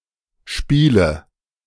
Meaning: 1. dative singular of Spiel 2. nominative/accusative/genitive plural of Spiel
- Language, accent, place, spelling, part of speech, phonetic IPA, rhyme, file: German, Germany, Berlin, Spiele, noun, [ˈʃpiːlə], -iːlə, De-Spiele.ogg